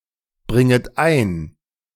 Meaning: second-person plural subjunctive I of einbringen
- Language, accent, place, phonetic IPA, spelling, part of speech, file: German, Germany, Berlin, [ˌbʁɪŋət ˈaɪ̯n], bringet ein, verb, De-bringet ein.ogg